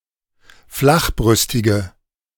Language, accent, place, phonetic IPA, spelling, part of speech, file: German, Germany, Berlin, [ˈflaxˌbʁʏstɪɡə], flachbrüstige, adjective, De-flachbrüstige.ogg
- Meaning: inflection of flachbrüstig: 1. strong/mixed nominative/accusative feminine singular 2. strong nominative/accusative plural 3. weak nominative all-gender singular